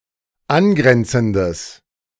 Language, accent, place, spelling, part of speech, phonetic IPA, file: German, Germany, Berlin, angrenzendes, adjective, [ˈanˌɡʁɛnt͡sn̩dəs], De-angrenzendes.ogg
- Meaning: strong/mixed nominative/accusative neuter singular of angrenzend